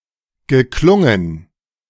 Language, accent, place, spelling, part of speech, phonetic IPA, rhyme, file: German, Germany, Berlin, geklungen, verb, [ɡəˈklʊŋən], -ʊŋən, De-geklungen.ogg
- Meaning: past participle of klingen